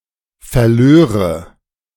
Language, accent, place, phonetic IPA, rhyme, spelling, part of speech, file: German, Germany, Berlin, [fɛɐ̯ˈløːʁə], -øːʁə, verlöre, verb, De-verlöre.ogg
- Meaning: first/third-person singular subjunctive II of verlieren